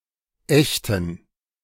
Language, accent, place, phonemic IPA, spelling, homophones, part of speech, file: German, Germany, Berlin, /ˈɛçtən/, ächten, echten, verb, De-ächten.ogg
- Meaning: 1. to banish, ostracize, outlaw (expel someone from society and declare them unprotected by law) 2. to ostracize, shun (look down upon someone and refuse to associate with them)